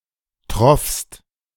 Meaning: second-person singular preterite of triefen
- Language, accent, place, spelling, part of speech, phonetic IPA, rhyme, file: German, Germany, Berlin, troffst, verb, [tʁɔfst], -ɔfst, De-troffst.ogg